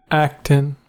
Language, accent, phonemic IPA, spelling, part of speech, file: English, US, /ˈæktən/, Acton, proper noun, En-us-Acton.ogg
- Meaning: Any of a few places in England: A village in Burland and Acton parish, Cheshire East district, Cheshire (OS grid ref SJ6353)